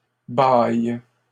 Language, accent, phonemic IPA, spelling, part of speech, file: French, Canada, /baj/, bailles, noun, LL-Q150 (fra)-bailles.wav
- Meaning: plural of baille